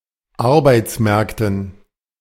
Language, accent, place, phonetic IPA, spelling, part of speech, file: German, Germany, Berlin, [ˈaʁbaɪ̯t͡sˌmɛʁktn̩], Arbeitsmärkten, noun, De-Arbeitsmärkten.ogg
- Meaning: dative plural of Arbeitsmarkt